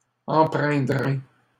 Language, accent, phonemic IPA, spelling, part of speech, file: French, Canada, /ɑ̃.pʁɛ̃.dʁe/, empreindrai, verb, LL-Q150 (fra)-empreindrai.wav
- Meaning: first-person singular simple future of empreindre